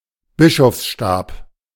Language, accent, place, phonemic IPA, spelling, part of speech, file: German, Germany, Berlin, /ˈbɪʃɔfsˌʃtaːp/, Bischofsstab, noun, De-Bischofsstab.ogg
- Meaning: bishop's crook, crozier